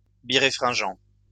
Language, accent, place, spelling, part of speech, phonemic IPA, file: French, France, Lyon, biréfringent, adjective, /bi.ʁe.fʁɛ̃.ʒɑ̃/, LL-Q150 (fra)-biréfringent.wav
- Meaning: birefringent